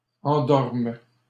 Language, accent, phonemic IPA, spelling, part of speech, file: French, Canada, /ɑ̃.dɔʁm/, endorment, verb, LL-Q150 (fra)-endorment.wav
- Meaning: third-person plural present indicative/subjunctive of endormir